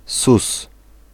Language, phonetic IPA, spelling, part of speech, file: Polish, [sus], sus, noun, Pl-sus.ogg